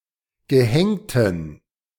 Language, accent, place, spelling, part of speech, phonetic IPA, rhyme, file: German, Germany, Berlin, gehängten, adjective, [ɡəˈhɛŋtn̩], -ɛŋtn̩, De-gehängten.ogg
- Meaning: inflection of gehängt: 1. strong genitive masculine/neuter singular 2. weak/mixed genitive/dative all-gender singular 3. strong/weak/mixed accusative masculine singular 4. strong dative plural